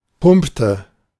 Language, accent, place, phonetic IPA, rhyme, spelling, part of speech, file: German, Germany, Berlin, [ˈpʊmptə], -ʊmptə, pumpte, verb, De-pumpte.ogg
- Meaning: inflection of pumpen: 1. first/third-person singular preterite 2. first/third-person singular subjunctive II